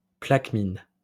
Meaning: persimmon (fruit)
- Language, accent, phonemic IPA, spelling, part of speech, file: French, France, /plak.min/, plaquemine, noun, LL-Q150 (fra)-plaquemine.wav